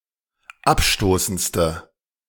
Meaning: inflection of abstoßend: 1. strong/mixed nominative/accusative feminine singular superlative degree 2. strong nominative/accusative plural superlative degree
- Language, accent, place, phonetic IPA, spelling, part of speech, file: German, Germany, Berlin, [ˈapˌʃtoːsn̩t͡stə], abstoßendste, adjective, De-abstoßendste.ogg